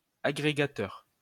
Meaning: aggregator (feed reader)
- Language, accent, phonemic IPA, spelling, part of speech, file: French, France, /a.ɡʁe.ɡa.tœʁ/, agrégateur, noun, LL-Q150 (fra)-agrégateur.wav